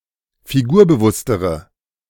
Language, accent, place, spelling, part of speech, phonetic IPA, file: German, Germany, Berlin, figurbewusstere, adjective, [fiˈɡuːɐ̯bəˌvʊstəʁə], De-figurbewusstere.ogg
- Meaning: inflection of figurbewusst: 1. strong/mixed nominative/accusative feminine singular comparative degree 2. strong nominative/accusative plural comparative degree